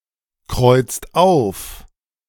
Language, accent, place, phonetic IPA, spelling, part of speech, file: German, Germany, Berlin, [ˌkʁɔɪ̯t͡st ˈaʊ̯f], kreuzt auf, verb, De-kreuzt auf.ogg
- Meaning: inflection of aufkreuzen: 1. second/third-person singular present 2. second-person plural present 3. plural imperative